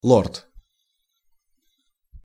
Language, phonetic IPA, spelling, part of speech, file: Russian, [ɫort], лорд, noun, Ru-лорд.ogg
- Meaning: lord (British aristocrat)